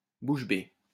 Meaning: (adverb) open-mouthed, agape; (adjective) open-mouthed
- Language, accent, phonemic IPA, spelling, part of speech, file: French, France, /buʃ be/, bouche bée, adverb / adjective, LL-Q150 (fra)-bouche bée.wav